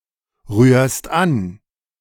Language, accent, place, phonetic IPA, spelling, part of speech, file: German, Germany, Berlin, [ˌʁyːɐ̯st ˈan], rührst an, verb, De-rührst an.ogg
- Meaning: second-person singular present of anrühren